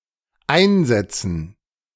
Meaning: dative plural of Einsatz
- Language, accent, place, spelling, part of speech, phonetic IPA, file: German, Germany, Berlin, Einsätzen, noun, [ˈaɪ̯nˌzɛt͡sn̩], De-Einsätzen.ogg